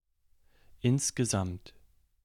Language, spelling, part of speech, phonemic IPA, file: German, insgesamt, adverb, /ˈɪnsɡəˌzamt/, De-insgesamt.ogg
- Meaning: overall, altogether, in total, all in all, by and large, on the whole